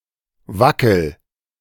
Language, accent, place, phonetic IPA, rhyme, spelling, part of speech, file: German, Germany, Berlin, [ˈvakl̩], -akl̩, wackel, verb, De-wackel.ogg
- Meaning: inflection of wackeln: 1. first-person singular present 2. singular imperative